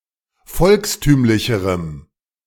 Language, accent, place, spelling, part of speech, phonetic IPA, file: German, Germany, Berlin, volkstümlicherem, adjective, [ˈfɔlksˌtyːmlɪçəʁəm], De-volkstümlicherem.ogg
- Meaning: strong dative masculine/neuter singular comparative degree of volkstümlich